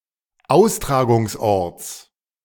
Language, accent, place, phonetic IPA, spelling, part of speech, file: German, Germany, Berlin, [ˈaʊ̯stʁaːɡʊŋsˌʔɔʁt͡s], Austragungsorts, noun, De-Austragungsorts.ogg
- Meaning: genitive of Austragungsort